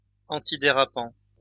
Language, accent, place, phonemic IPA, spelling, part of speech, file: French, France, Lyon, /ɑ̃.ti.de.ʁa.pɑ̃/, antidérapant, adjective, LL-Q150 (fra)-antidérapant.wav
- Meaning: nonskid, antiskid